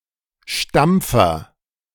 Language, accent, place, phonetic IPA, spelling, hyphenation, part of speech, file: German, Germany, Berlin, [ˈʃtampfɐ], Stampfer, Stamp‧fer, noun, De-Stampfer.ogg
- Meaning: 1. stomp 2. compactor 3. masher 4. pestle